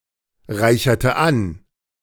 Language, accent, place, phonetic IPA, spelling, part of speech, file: German, Germany, Berlin, [ˌʁaɪ̯çɐtə ˈan], reicherte an, verb, De-reicherte an.ogg
- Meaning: inflection of anreichern: 1. first/third-person singular preterite 2. first/third-person singular subjunctive II